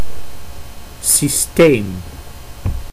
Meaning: system
- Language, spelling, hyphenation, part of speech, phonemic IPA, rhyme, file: Dutch, systeem, sys‧teem, noun, /siˈsteːm/, -eːm, Nl-systeem.ogg